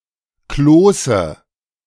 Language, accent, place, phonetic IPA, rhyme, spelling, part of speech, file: German, Germany, Berlin, [ˈkloːsə], -oːsə, Kloße, noun, De-Kloße.ogg
- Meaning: dative singular of Kloß